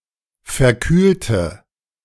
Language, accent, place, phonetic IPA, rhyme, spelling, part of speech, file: German, Germany, Berlin, [fɛɐ̯ˈkyːltə], -yːltə, verkühlte, adjective / verb, De-verkühlte.ogg
- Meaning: inflection of verkühlen: 1. first/third-person singular preterite 2. first/third-person singular subjunctive II